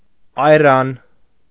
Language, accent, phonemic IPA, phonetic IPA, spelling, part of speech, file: Armenian, Eastern Armenian, /ɑjˈɾɑn/, [ɑjɾɑ́n], այրան, noun, Hy-այրան.ogg
- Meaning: airan